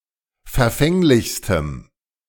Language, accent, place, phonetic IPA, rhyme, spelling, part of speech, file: German, Germany, Berlin, [fɛɐ̯ˈfɛŋlɪçstəm], -ɛŋlɪçstəm, verfänglichstem, adjective, De-verfänglichstem.ogg
- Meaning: strong dative masculine/neuter singular superlative degree of verfänglich